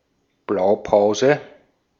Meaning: 1. blueprint 2. model, template
- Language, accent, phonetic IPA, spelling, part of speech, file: German, Austria, [ˈblaʊ̯ˌpaʊ̯zə], Blaupause, noun, De-at-Blaupause.ogg